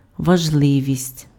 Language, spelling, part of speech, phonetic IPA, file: Ukrainian, важливість, noun, [ʋɐʒˈɫɪʋʲisʲtʲ], Uk-важливість.ogg
- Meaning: importance